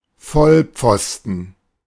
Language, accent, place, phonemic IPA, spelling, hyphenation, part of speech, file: German, Germany, Berlin, /ˈfɔlˌ(p)fɔstən/, Vollpfosten, Voll‧pfos‧ten, noun, De-Vollpfosten.ogg
- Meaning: dumbass